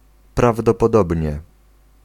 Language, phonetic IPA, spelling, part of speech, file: Polish, [ˌpravdɔpɔˈdɔbʲɲɛ], prawdopodobnie, adverb, Pl-prawdopodobnie.ogg